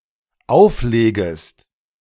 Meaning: second-person singular dependent subjunctive I of auflegen
- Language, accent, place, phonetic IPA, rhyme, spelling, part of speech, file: German, Germany, Berlin, [ˈaʊ̯fˌleːɡəst], -aʊ̯fleːɡəst, auflegest, verb, De-auflegest.ogg